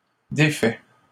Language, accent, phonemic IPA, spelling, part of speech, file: French, Canada, /de.fɛ/, défaits, verb, LL-Q150 (fra)-défaits.wav
- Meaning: masculine plural of défait